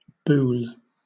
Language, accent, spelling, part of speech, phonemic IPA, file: English, Southern England, boul, noun, /buːl/, LL-Q1860 (eng)-boul.wav
- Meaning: A curved handle